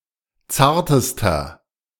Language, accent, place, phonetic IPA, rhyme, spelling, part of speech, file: German, Germany, Berlin, [ˈt͡saːɐ̯təstɐ], -aːɐ̯təstɐ, zartester, adjective, De-zartester.ogg
- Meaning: inflection of zart: 1. strong/mixed nominative masculine singular superlative degree 2. strong genitive/dative feminine singular superlative degree 3. strong genitive plural superlative degree